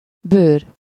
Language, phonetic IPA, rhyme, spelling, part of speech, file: Hungarian, [ˈbøːr], -øːr, bőr, noun, Hu-bőr.ogg
- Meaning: 1. skin (outer protective layer of the body of any animal, including of a human) 2. leather (tough material produced from the skin of animals) 3. cutaneous